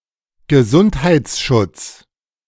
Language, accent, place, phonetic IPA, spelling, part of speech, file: German, Germany, Berlin, [ɡəˈzunthaɪ̯t͡sˌʃʊt͡s], Gesundheitsschutz, noun, De-Gesundheitsschutz.ogg
- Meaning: health protection